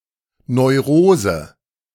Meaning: neurosis
- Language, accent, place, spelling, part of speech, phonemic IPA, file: German, Germany, Berlin, Neurose, noun, /nɔɪ̯ˈʁoːzə/, De-Neurose.ogg